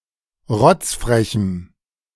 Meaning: strong dative masculine/neuter singular of rotzfrech
- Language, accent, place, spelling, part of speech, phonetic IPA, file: German, Germany, Berlin, rotzfrechem, adjective, [ˈʁɔt͡sfʁɛçm̩], De-rotzfrechem.ogg